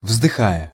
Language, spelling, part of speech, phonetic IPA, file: Russian, вздыхая, verb, [vzdɨˈxajə], Ru-вздыхая.ogg
- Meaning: present adverbial imperfective participle of вздыха́ть (vzdyxátʹ)